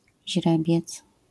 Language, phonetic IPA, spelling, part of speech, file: Polish, [ˈʑrɛbʲjɛt͡s], źrebiec, noun, LL-Q809 (pol)-źrebiec.wav